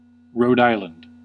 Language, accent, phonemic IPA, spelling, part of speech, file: English, US, /ˌɹoʊd ˈaɪ.lənd/, Rhode Island, proper noun, En-us-Rhode Island.ogg
- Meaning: 1. The smallest state of the United States. Official name: State of Rhode Island 2. The official name of Aquidneck Island